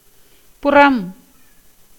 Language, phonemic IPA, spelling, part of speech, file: Tamil, /pʊrɐm/, புறம், noun, Ta-புறம்.ogg
- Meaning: 1. outside, exterior 2. heroism, bravery, valour 3. side; part, face, surface 4. back 5. backside, behind, background, rear 6. backbiting, aspersion, calumny 7. gossip about intrigue between lovers